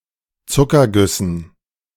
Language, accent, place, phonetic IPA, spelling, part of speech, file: German, Germany, Berlin, [ˈt͡sʊkɐˌɡʏsn̩], Zuckergüssen, noun, De-Zuckergüssen.ogg
- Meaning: dative plural of Zuckerguss